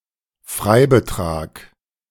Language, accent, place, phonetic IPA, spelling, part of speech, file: German, Germany, Berlin, [ˈfʁaɪ̯bəˌtʁaːk], Freibetrag, noun, De-Freibetrag.ogg
- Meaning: exemption